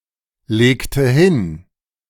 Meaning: inflection of hinlegen: 1. first/third-person singular preterite 2. first/third-person singular subjunctive II
- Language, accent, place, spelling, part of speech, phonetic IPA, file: German, Germany, Berlin, legte hin, verb, [ˌleːktə ˈhɪn], De-legte hin.ogg